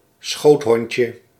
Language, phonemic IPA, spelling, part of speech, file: Dutch, /ˈsxothoɲcə/, schoothondje, noun, Nl-schoothondje.ogg
- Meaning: diminutive of schoothond